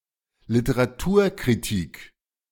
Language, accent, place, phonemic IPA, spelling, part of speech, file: German, Germany, Berlin, /ˈlɪtəʁaˈtuːɐ̯ˌkʁɪtɪk/, Literaturkritik, noun, De-Literaturkritik.ogg
- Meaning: literary criticism